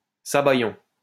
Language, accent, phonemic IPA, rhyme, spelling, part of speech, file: French, France, /sa.ba.jɔ̃/, -ɔ̃, sabayon, noun, LL-Q150 (fra)-sabayon.wav
- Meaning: zabaglione (custard-like dessert made with egg yolks, sugar and Marsala wine)